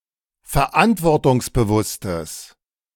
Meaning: strong/mixed nominative/accusative neuter singular of verantwortungsbewusst
- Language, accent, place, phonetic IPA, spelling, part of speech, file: German, Germany, Berlin, [fɛɐ̯ˈʔantvɔʁtʊŋsbəˌvʊstəs], verantwortungsbewusstes, adjective, De-verantwortungsbewusstes.ogg